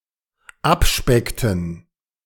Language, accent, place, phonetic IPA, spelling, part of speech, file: German, Germany, Berlin, [ˈapˌʃpɛktn̩], abspeckten, verb, De-abspeckten.ogg
- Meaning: inflection of abspecken: 1. first/third-person plural dependent preterite 2. first/third-person plural dependent subjunctive II